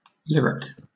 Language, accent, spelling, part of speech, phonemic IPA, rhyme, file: English, Southern England, lyric, adjective / noun, /ˈlɪɹɪk/, -ɪɹɪk, LL-Q1860 (eng)-lyric.wav
- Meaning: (adjective) 1. Of, or relating to a type of poetry (such as a sonnet or ode) that expresses subjective thoughts and feelings, often in a songlike style 2. Of or relating to a writer of such poetry